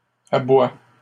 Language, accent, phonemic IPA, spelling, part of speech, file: French, Canada, /a.bwa/, aboies, verb, LL-Q150 (fra)-aboies.wav
- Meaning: second-person singular present indicative/subjunctive of aboyer